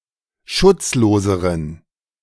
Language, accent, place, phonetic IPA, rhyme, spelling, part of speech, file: German, Germany, Berlin, [ˈʃʊt͡sˌloːzəʁən], -ʊt͡sloːzəʁən, schutzloseren, adjective, De-schutzloseren.ogg
- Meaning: inflection of schutzlos: 1. strong genitive masculine/neuter singular comparative degree 2. weak/mixed genitive/dative all-gender singular comparative degree